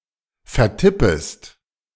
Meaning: second-person singular subjunctive I of vertippen
- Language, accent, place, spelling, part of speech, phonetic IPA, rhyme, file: German, Germany, Berlin, vertippest, verb, [fɛɐ̯ˈtɪpəst], -ɪpəst, De-vertippest.ogg